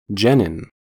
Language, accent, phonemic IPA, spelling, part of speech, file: English, US, /ˈd͡ʒɛ.nɪn/, genin, noun, En-us-genin.ogg
- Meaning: The steroid-related portion of some types of glycosides